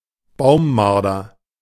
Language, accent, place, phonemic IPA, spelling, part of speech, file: German, Germany, Berlin, /ˈbaʊ̯mˌmaʁdɐ/, Baummarder, noun, De-Baummarder.ogg
- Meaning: pine marten; European pine marten